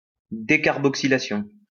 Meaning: decarboxylation
- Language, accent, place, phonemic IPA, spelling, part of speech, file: French, France, Lyon, /de.kaʁ.bɔk.si.la.sjɔ̃/, décarboxylation, noun, LL-Q150 (fra)-décarboxylation.wav